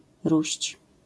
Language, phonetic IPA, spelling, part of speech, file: Polish, [ruɕt͡ɕ], róść, verb, LL-Q809 (pol)-róść.wav